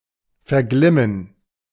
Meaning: to stop glowing
- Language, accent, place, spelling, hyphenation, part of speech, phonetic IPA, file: German, Germany, Berlin, verglimmen, ver‧glim‧men, verb, [fɛɐ̯ˈɡlɪmən], De-verglimmen.ogg